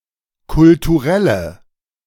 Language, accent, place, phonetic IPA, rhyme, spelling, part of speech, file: German, Germany, Berlin, [kʊltuˈʁɛlə], -ɛlə, kulturelle, adjective, De-kulturelle.ogg
- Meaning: inflection of kulturell: 1. strong/mixed nominative/accusative feminine singular 2. strong nominative/accusative plural 3. weak nominative all-gender singular